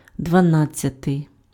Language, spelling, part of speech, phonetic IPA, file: Ukrainian, дванадцятий, adjective, [dʋɐˈnad͡zʲt͡sʲɐtei̯], Uk-дванадцятий.ogg
- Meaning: twelfth